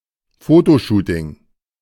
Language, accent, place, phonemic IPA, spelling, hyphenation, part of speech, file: German, Germany, Berlin, /fotoˌʃuːtɪŋ/, Fotoshooting, Fo‧to‧shoo‧ting, noun, De-Fotoshooting.ogg
- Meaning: photo shoot